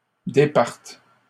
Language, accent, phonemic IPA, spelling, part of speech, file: French, Canada, /de.paʁt/, départe, verb, LL-Q150 (fra)-départe.wav
- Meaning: first/third-person singular present subjunctive of départir